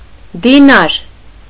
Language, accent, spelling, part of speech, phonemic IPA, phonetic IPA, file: Armenian, Eastern Armenian, դինար, noun, /diˈnɑɾ/, [dinɑ́ɾ], Hy-դինար.ogg
- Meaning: dinar